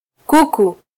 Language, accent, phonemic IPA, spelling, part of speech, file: Swahili, Kenya, /ˈku.ku/, kuku, noun, Sw-ke-kuku.flac
- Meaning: chicken, fowl